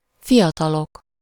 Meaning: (adjective) nominative plural of fiatal
- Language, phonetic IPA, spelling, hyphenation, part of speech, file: Hungarian, [ˈfijɒtɒlok], fiatalok, fi‧a‧ta‧lok, adjective / noun, Hu-fiatalok.ogg